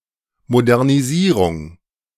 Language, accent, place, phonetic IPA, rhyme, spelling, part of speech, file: German, Germany, Berlin, [modɛʁniˈziːʁʊŋ], -iːʁʊŋ, Modernisierung, noun, De-Modernisierung.ogg
- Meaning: modernization